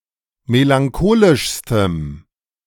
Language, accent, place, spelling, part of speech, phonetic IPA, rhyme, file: German, Germany, Berlin, melancholischstem, adjective, [melaŋˈkoːlɪʃstəm], -oːlɪʃstəm, De-melancholischstem.ogg
- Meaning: strong dative masculine/neuter singular superlative degree of melancholisch